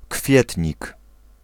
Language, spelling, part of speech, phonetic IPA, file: Polish, kwietnik, noun, [ˈkfʲjɛtʲɲik], Pl-kwietnik.ogg